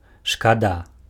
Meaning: it's a pity
- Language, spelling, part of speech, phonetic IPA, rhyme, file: Belarusian, шкада, adjective, [ʂkaˈda], -a, Be-шкада.ogg